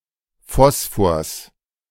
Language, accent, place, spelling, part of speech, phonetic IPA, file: German, Germany, Berlin, Phosphors, noun, [ˈfɔsfoːɐ̯s], De-Phosphors.ogg
- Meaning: genitive singular of Phosphor